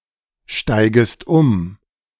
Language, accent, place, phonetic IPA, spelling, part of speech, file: German, Germany, Berlin, [ˌʃtaɪ̯ɡəst ˈʊm], steigest um, verb, De-steigest um.ogg
- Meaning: second-person singular subjunctive I of umsteigen